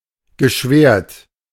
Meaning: past participle of schwären
- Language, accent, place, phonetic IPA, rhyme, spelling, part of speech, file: German, Germany, Berlin, [ɡəˈʃvɛːɐ̯t], -ɛːɐ̯t, geschwärt, verb, De-geschwärt.ogg